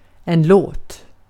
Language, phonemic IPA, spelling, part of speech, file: Swedish, /ˈloːt/, låt, noun / verb, Sv-låt.ogg
- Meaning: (noun) 1. a song, a tune, a track, a musical piece 2. noise, ruckus, hullabaloo; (verb) imperative of låta